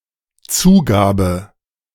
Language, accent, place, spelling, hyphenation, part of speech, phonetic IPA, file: German, Germany, Berlin, Zugabe, Zu‧ga‧be, noun / interjection, [ˈt͡suːˌɡaːbə], De-Zugabe.ogg
- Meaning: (noun) 1. addition 2. bonus, add-on, extra 3. encore; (interjection) Encore!